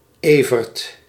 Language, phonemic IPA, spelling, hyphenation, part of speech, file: Dutch, /ˈeː.vərt/, Evert, Evert, proper noun, Nl-Evert.ogg
- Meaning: a male given name